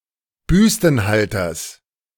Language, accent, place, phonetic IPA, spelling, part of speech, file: German, Germany, Berlin, [ˈbʏstn̩ˌhaltɐs], Büstenhalters, noun, De-Büstenhalters.ogg
- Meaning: genitive singular of Büstenhalter